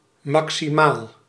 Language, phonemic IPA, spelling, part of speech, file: Dutch, /ˈmɑksiˌmal/, maximaal, adjective / adverb, Nl-maximaal.ogg
- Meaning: maximal